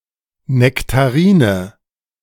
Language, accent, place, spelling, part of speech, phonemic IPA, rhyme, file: German, Germany, Berlin, Nektarine, noun, /nɛktaˈriːnə/, -iːnə, De-Nektarine.ogg
- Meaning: nectarine (fruit, unlikely tree)